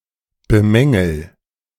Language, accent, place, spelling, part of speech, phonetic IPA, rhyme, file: German, Germany, Berlin, bemängel, verb, [bəˈmɛŋl̩], -ɛŋl̩, De-bemängel.ogg
- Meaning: inflection of bemängeln: 1. first-person singular present 2. singular imperative